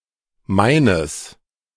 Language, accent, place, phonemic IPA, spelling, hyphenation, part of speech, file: German, Germany, Berlin, /ˈmaɪ̯nəs/, meines, mei‧nes, pronoun / determiner, De-meines.ogg
- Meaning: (pronoun) neuter singular of meiner; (determiner) genitive masculine/neuter singular of mein